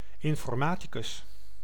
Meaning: computer scientist
- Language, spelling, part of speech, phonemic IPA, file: Dutch, informaticus, noun, /ˌɪɱfɔrˈmatiˌkʏs/, Nl-informaticus.ogg